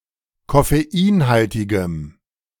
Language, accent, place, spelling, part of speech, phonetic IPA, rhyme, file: German, Germany, Berlin, koffeinhaltigem, adjective, [kɔfeˈiːnˌhaltɪɡəm], -iːnhaltɪɡəm, De-koffeinhaltigem.ogg
- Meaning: strong dative masculine/neuter singular of koffeinhaltig